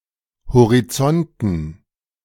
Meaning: dative plural of Horizont
- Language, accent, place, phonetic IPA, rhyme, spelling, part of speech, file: German, Germany, Berlin, [hoʁiˈt͡sɔntn̩], -ɔntn̩, Horizonten, noun, De-Horizonten.ogg